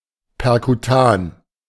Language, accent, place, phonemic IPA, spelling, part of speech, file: German, Germany, Berlin, /pɛʁkuˈtaːn/, perkutan, adjective, De-perkutan.ogg
- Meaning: percutaneous